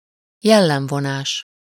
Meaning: character trait (a distinguishing feature of a person)
- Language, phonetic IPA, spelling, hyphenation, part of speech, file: Hungarian, [ˈjɛlːɛɱvonaːʃ], jellemvonás, jel‧lem‧vo‧nás, noun, Hu-jellemvonás.ogg